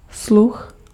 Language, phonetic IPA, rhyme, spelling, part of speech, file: Czech, [ˈslux], -ux, sluch, noun, Cs-sluch.ogg
- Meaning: hearing (sense)